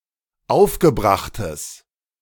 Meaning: strong/mixed nominative/accusative neuter singular of aufgebracht
- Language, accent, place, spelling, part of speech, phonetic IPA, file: German, Germany, Berlin, aufgebrachtes, adjective, [ˈaʊ̯fɡəˌbʁaxtəs], De-aufgebrachtes.ogg